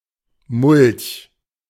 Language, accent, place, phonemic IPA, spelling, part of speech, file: German, Germany, Berlin, /mʊlç/, Mulch, noun, De-Mulch.ogg
- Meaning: mulch